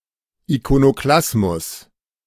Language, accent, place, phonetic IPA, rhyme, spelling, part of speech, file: German, Germany, Berlin, [ikonoˈklasmʊs], -asmʊs, Ikonoklasmus, noun, De-Ikonoklasmus.ogg
- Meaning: iconoclasm